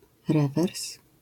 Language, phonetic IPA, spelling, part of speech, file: Polish, [ˈrɛvɛrs], rewers, noun, LL-Q809 (pol)-rewers.wav